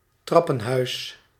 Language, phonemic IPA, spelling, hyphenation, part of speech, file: Dutch, /ˈtrɑ.pə(n)ˌɦœy̯s/, trappenhuis, trap‧pen‧huis, noun, Nl-trappenhuis.ogg
- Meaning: stairwell